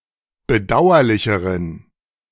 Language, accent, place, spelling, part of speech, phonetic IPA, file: German, Germany, Berlin, bedauerlicheren, adjective, [bəˈdaʊ̯ɐlɪçəʁən], De-bedauerlicheren.ogg
- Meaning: inflection of bedauerlich: 1. strong genitive masculine/neuter singular comparative degree 2. weak/mixed genitive/dative all-gender singular comparative degree